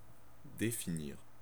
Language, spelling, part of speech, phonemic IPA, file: French, définir, verb, /de.fi.niʁ/, Fr-définir.ogg
- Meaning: to define